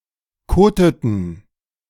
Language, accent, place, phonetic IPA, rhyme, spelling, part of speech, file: German, Germany, Berlin, [ˈkoːtətn̩], -oːtətn̩, koteten, verb, De-koteten.ogg
- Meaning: inflection of koten: 1. first/third-person plural preterite 2. first/third-person plural subjunctive II